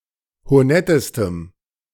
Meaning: strong dative masculine/neuter singular superlative degree of honett
- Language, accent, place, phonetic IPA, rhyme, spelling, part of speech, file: German, Germany, Berlin, [hoˈnɛtəstəm], -ɛtəstəm, honettestem, adjective, De-honettestem.ogg